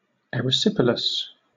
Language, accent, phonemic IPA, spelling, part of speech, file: English, Southern England, /ˌɛ.ɹɪˈsɪp.ɪl.əs/, erysipelas, noun, LL-Q1860 (eng)-erysipelas.wav